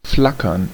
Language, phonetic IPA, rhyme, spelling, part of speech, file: German, [ˈflakɐn], -akɐn, flackern, verb, De-flackern.ogg
- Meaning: to flicker